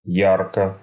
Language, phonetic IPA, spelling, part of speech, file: Russian, [ˈjarkə], ярко, adverb / adjective, Ru-ярко.ogg
- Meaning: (adverb) brightly; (adjective) short neuter singular of я́ркий (járkij)